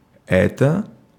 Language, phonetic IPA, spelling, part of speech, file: Russian, [ˈɛtə], это, determiner / pronoun / particle / interjection, Ru-это.ogg
- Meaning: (determiner) neuter nominative/accusative singular of э́тот (étot)